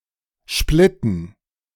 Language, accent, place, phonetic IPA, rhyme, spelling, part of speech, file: German, Germany, Berlin, [ˈʃplɪtn̩], -ɪtn̩, Splitten, noun, De-Splitten.ogg
- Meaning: dative plural of Splitt